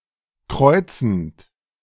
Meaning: present participle of kreuzen
- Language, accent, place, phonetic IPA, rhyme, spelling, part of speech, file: German, Germany, Berlin, [ˈkʁɔɪ̯t͡sn̩t], -ɔɪ̯t͡sn̩t, kreuzend, verb, De-kreuzend.ogg